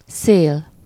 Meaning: 1. wind 2. edge, rim, fringe 3. (with a possessive suffix) verge, brink (chiefly as szélén, szélére) 4. synonym of szélesség (“width”)
- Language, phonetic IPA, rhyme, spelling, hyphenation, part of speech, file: Hungarian, [ˈseːl], -eːl, szél, szél, noun, Hu-szél.ogg